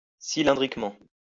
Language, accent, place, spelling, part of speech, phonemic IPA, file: French, France, Lyon, cylindriquement, adverb, /si.lɛ̃.dʁik.mɑ̃/, LL-Q150 (fra)-cylindriquement.wav
- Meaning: cylindrically